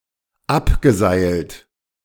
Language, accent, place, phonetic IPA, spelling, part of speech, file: German, Germany, Berlin, [ˈapɡəˌzaɪ̯lt], abgeseilt, verb, De-abgeseilt.ogg
- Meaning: past participle of abseilen